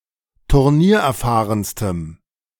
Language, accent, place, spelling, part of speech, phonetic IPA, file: German, Germany, Berlin, turniererfahrenstem, adjective, [tʊʁˈniːɐ̯ʔɛɐ̯ˌfaːʁənstəm], De-turniererfahrenstem.ogg
- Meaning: strong dative masculine/neuter singular superlative degree of turniererfahren